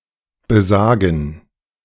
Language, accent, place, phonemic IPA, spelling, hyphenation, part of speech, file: German, Germany, Berlin, /bəˈzaːɡən/, besagen, be‧sa‧gen, verb, De-besagen.ogg
- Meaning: 1. to say, state, have it (said of texts or utterances, not of persons) 2. to mean, signify 3. to mention, note